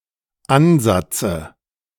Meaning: dative singular of Ansatz
- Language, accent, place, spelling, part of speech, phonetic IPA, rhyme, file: German, Germany, Berlin, Ansatze, noun, [ˈanˌzat͡sə], -anzat͡sə, De-Ansatze.ogg